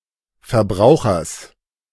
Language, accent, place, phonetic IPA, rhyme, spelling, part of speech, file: German, Germany, Berlin, [fɐˈbʁaʊ̯xɐs], -aʊ̯xɐs, Verbrauchers, noun, De-Verbrauchers.ogg
- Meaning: genitive singular of Verbraucher